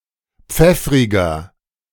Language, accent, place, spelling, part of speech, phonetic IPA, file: German, Germany, Berlin, pfeffriger, adjective, [ˈp͡fɛfʁɪɡɐ], De-pfeffriger.ogg
- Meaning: 1. comparative degree of pfeffrig 2. inflection of pfeffrig: strong/mixed nominative masculine singular 3. inflection of pfeffrig: strong genitive/dative feminine singular